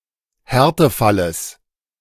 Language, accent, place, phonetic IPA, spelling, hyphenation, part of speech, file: German, Germany, Berlin, [ˈhɛʁtəˌfaləs], Härtefalles, Här‧te‧fal‧les, noun, De-Härtefalles.ogg
- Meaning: genitive singular of Härtefall